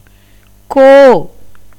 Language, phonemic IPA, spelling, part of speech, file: Tamil, /koː/, கோ, noun / interjection / verb, Ta-கோ.ogg
- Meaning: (noun) 1. king 2. emperor 3. mountain; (interjection) interjection expressive of grief; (verb) to string, insert, thread (flowers, beads, files)